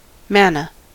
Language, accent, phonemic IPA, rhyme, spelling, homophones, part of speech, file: English, US, /ˈmænə/, -ænə, manna, manner / mana, noun, En-us-manna.ogg
- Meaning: 1. Food miraculously produced for the Israelites in the desert in the book of Exodus 2. Any boon which comes into one's hands by good luck